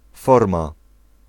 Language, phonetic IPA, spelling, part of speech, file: Polish, [ˈfɔrma], forma, noun, Pl-forma.ogg